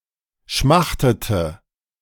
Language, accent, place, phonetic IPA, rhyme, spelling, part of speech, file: German, Germany, Berlin, [ˈʃmaxtətə], -axtətə, schmachtete, verb, De-schmachtete.ogg
- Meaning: inflection of schmachten: 1. first/third-person singular preterite 2. first/third-person singular subjunctive II